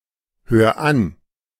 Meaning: 1. singular imperative of anhören 2. first-person singular present of anhören
- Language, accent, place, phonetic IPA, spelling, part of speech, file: German, Germany, Berlin, [ˌhøːɐ̯ ˈan], hör an, verb, De-hör an.ogg